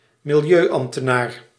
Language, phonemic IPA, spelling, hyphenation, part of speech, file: Dutch, /mɪlˈjøːˌɑm(p).tə.naːr/, milieuambtenaar, mi‧li‧eu‧amb‧te‧naar, noun, Nl-milieuambtenaar.ogg
- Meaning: an environmental officer in some public service